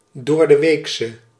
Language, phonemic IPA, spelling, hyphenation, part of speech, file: Dutch, /ˌdoːr.dəˈʋeːks/, doordeweeks, door‧de‧weeks, adjective, Nl-doordeweeks.ogg
- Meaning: 1. on a weekday 2. everyday, common